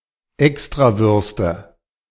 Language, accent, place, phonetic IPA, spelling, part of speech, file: German, Germany, Berlin, [ˈɛkstʁaˌvʏʁstə], Extrawürste, noun, De-Extrawürste.ogg
- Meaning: nominative/accusative/genitive plural of Extrawurst